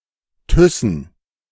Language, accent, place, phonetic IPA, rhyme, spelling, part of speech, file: German, Germany, Berlin, [ˈtʏsn̩], -ʏsn̩, Thyssen, proper noun, De-Thyssen.ogg
- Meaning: a surname